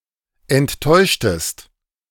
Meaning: inflection of enttäuschen: 1. second-person singular preterite 2. second-person singular subjunctive II
- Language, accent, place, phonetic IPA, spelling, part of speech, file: German, Germany, Berlin, [ɛntˈtɔɪ̯ʃtəst], enttäuschtest, verb, De-enttäuschtest.ogg